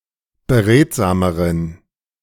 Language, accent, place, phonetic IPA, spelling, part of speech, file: German, Germany, Berlin, [bəˈʁeːtzaːməʁən], beredsameren, adjective, De-beredsameren.ogg
- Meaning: inflection of beredsam: 1. strong genitive masculine/neuter singular comparative degree 2. weak/mixed genitive/dative all-gender singular comparative degree